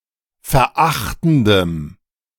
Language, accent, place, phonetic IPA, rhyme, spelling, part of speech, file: German, Germany, Berlin, [fɛɐ̯ˈʔaxtn̩dəm], -axtn̩dəm, verachtendem, adjective, De-verachtendem.ogg
- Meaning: strong dative masculine/neuter singular of verachtend